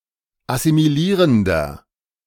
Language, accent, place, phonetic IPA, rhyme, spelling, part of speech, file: German, Germany, Berlin, [asimiˈliːʁəndɐ], -iːʁəndɐ, assimilierender, adjective, De-assimilierender.ogg
- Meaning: inflection of assimilierend: 1. strong/mixed nominative masculine singular 2. strong genitive/dative feminine singular 3. strong genitive plural